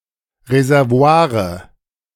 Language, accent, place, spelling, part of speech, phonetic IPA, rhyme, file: German, Germany, Berlin, Reservoire, noun, [ʁezɛʁˈvo̯aːʁə], -aːʁə, De-Reservoire.ogg
- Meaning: nominative/accusative/genitive plural of Reservoir